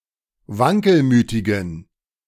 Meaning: inflection of wankelmütig: 1. strong genitive masculine/neuter singular 2. weak/mixed genitive/dative all-gender singular 3. strong/weak/mixed accusative masculine singular 4. strong dative plural
- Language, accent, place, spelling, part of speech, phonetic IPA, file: German, Germany, Berlin, wankelmütigen, adjective, [ˈvaŋkəlˌmyːtɪɡn̩], De-wankelmütigen.ogg